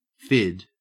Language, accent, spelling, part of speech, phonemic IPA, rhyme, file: English, Australia, fid, noun / verb, /fɪd/, -ɪd, En-au-fid.ogg
- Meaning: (noun) A pointed tool without any sharp edges, used in weaving or knotwork to tighten and form up weaves or complex knots; used in sailing ships to open the strands of a rope before splicing